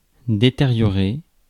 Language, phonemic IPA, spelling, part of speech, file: French, /de.te.ʁjɔ.ʁe/, détériorer, verb, Fr-détériorer.ogg
- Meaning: to deteriorate